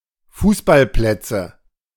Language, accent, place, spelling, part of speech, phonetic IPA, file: German, Germany, Berlin, Fußballplätze, noun, [ˈfuːsbalˌplɛt͡sə], De-Fußballplätze.ogg
- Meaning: nominative/accusative/genitive plural of Fußballplatz